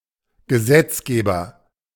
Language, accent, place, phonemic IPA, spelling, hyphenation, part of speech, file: German, Germany, Berlin, /ɡəˈzɛtsˌɡeːbɐ/, Gesetzgeber, Ge‧setz‧ge‧ber, noun, De-Gesetzgeber.ogg
- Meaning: legislator